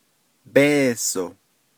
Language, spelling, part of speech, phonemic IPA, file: Navajo, béeso, noun, /pêːsò/, Nv-béeso.ogg
- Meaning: 1. money 2. dollar